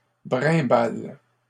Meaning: inflection of brimbaler: 1. first/third-person singular present indicative/subjunctive 2. second-person singular imperative
- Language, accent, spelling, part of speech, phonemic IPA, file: French, Canada, brimbale, verb, /bʁɛ̃.bal/, LL-Q150 (fra)-brimbale.wav